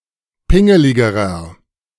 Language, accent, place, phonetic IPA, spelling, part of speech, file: German, Germany, Berlin, [ˈpɪŋəlɪɡəʁɐ], pingeligerer, adjective, De-pingeligerer.ogg
- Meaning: inflection of pingelig: 1. strong/mixed nominative masculine singular comparative degree 2. strong genitive/dative feminine singular comparative degree 3. strong genitive plural comparative degree